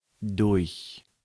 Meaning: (preposition) 1. by means of; by; through 2. through; entering, then exiting 3. through (a period of time) 4. via 5. owing to; because of 6. divided by; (adverb) 1. during; throughout; through 2. past
- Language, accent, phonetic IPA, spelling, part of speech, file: German, Germany, [dʊɐ̯x], durch, preposition / adverb / adjective, De-durch.ogg